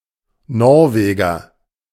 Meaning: Norwegian (male or of unspecified gender) (native or inhabitant of Norway)
- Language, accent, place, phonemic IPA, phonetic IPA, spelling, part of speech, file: German, Germany, Berlin, /ˈnɔʁveːɡəʁ/, [ˈnɔʁveːɡɐ], Norweger, noun, De-Norweger.ogg